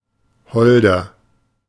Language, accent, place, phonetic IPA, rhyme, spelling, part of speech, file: German, Germany, Berlin, [ˈhɔldɐ], -ɔldɐ, holder, adjective, De-holder.ogg
- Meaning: 1. comparative degree of hold 2. inflection of hold: strong/mixed nominative masculine singular 3. inflection of hold: strong genitive/dative feminine singular